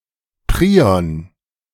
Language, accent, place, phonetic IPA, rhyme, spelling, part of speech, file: German, Germany, Berlin, [ˈpʁiːɔn], -iːɔn, Prion, noun, De-Prion.ogg
- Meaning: prion (etiologic agent of TSE)